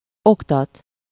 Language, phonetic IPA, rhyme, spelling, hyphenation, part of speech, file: Hungarian, [ˈoktɒt], -ɒt, oktat, ok‧tat, verb, Hu-oktat.ogg
- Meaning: to educate, instruct, teach